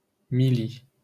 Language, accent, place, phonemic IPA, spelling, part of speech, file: French, France, Paris, /mi.li/, milli-, prefix, LL-Q150 (fra)-milli-.wav
- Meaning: milli-